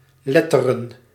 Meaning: 1. plural of letter 2. literary studies 3. humanities
- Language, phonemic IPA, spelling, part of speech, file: Dutch, /ˈlɛ.tə.rə(n)/, letteren, noun, Nl-letteren.ogg